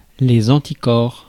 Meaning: antibody
- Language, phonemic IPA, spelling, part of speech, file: French, /ɑ̃.ti.kɔʁ/, anticorps, noun, Fr-anticorps.ogg